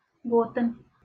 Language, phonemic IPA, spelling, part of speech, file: Northern Kurdish, /ɡoːˈtɪn/, gotin, verb, LL-Q36368 (kur)-gotin.wav
- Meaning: to say